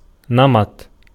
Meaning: 1. drugget, a type of rug also laid over a saddle 2. pattern, type, style, manner, mode, wise 3. routine
- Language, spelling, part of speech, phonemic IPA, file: Arabic, نمط, noun, /na.matˤ/, Ar-نمط.ogg